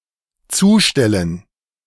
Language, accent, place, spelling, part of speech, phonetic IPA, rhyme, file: German, Germany, Berlin, zustellen, verb, [ˈt͡suːˌʃtɛlən], -uːʃtɛlən, De-zustellen.ogg
- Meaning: 1. to block (fill up an opening, window, door etc. with items, making it impossible to pass) 2. to deliver (a letter, parcel etc.); to deliver by post, to mail; to serve (a notice)